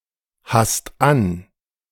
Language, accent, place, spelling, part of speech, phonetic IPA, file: German, Germany, Berlin, hast an, verb, [ˌhast ˈan], De-hast an.ogg
- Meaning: second-person singular present of anhaben